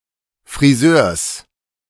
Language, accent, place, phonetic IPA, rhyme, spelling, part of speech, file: German, Germany, Berlin, [fʁiˈzøːɐ̯s], -øːɐ̯s, Frisörs, noun, De-Frisörs.ogg
- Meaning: genitive singular of Frisör